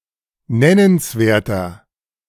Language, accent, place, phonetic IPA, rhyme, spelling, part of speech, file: German, Germany, Berlin, [ˈnɛnənsˌveːɐ̯tɐ], -ɛnənsveːɐ̯tɐ, nennenswerter, adjective, De-nennenswerter.ogg
- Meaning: inflection of nennenswert: 1. strong/mixed nominative masculine singular 2. strong genitive/dative feminine singular 3. strong genitive plural